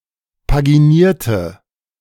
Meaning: inflection of paginieren: 1. first/third-person singular preterite 2. first/third-person singular subjunctive II
- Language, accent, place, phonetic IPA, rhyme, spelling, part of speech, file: German, Germany, Berlin, [paɡiˈniːɐ̯tə], -iːɐ̯tə, paginierte, adjective / verb, De-paginierte.ogg